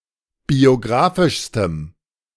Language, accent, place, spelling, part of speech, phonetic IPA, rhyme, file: German, Germany, Berlin, biografischstem, adjective, [bioˈɡʁaːfɪʃstəm], -aːfɪʃstəm, De-biografischstem.ogg
- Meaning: strong dative masculine/neuter singular superlative degree of biografisch